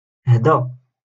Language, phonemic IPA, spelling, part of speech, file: Moroccan Arabic, /haː.da/, هدا, pronoun, LL-Q56426 (ary)-هدا.wav
- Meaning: this